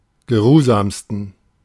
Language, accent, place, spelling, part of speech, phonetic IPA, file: German, Germany, Berlin, geruhsamsten, adjective, [ɡəˈʁuːzaːmstn̩], De-geruhsamsten.ogg
- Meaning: 1. superlative degree of geruhsam 2. inflection of geruhsam: strong genitive masculine/neuter singular superlative degree